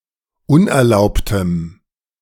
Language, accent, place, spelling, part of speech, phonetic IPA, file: German, Germany, Berlin, unerlaubtem, adjective, [ˈʊnʔɛɐ̯ˌlaʊ̯ptəm], De-unerlaubtem.ogg
- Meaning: strong dative masculine/neuter singular of unerlaubt